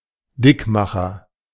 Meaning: food or drink that is high in calories
- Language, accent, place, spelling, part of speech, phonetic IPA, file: German, Germany, Berlin, Dickmacher, noun, [ˈdɪkˌmaxɐ], De-Dickmacher.ogg